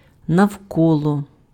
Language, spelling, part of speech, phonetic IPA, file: Ukrainian, навколо, adverb / preposition, [nɐu̯ˈkɔɫɔ], Uk-навколо.ogg
- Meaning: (adverb) around, about, round